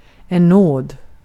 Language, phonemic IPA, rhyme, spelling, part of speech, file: Swedish, /noːd/, -oːd, nåd, noun, Sv-nåd.ogg
- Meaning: 1. mercy 2. grace (from a higher authority or the like) 3. Grace, (your) Honor, (your) Lordship